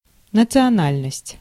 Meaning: 1. ethnic group; ethnicity 2. nationality (the status of belonging to a particular nation, a particular country)
- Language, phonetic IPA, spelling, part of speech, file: Russian, [nət͡sɨɐˈnalʲnəsʲtʲ], национальность, noun, Ru-национальность.ogg